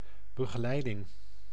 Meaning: accompaniment, guidance
- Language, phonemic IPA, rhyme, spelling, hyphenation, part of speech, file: Dutch, /bə.ɣ(ə)ˈlɛi̯.dɪŋ/, -ɛi̯dɪŋ, begeleiding, be‧ge‧lei‧ding, noun, Nl-begeleiding.ogg